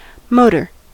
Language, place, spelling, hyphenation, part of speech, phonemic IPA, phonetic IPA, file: English, California, motor, mo‧tor, noun / adjective / verb, /ˈmoʊtəɹ/, [ˈmoʊɾɚ], En-us-motor.ogg
- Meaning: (noun) A machine or device that converts other energy forms into mechanical energy, or imparts motion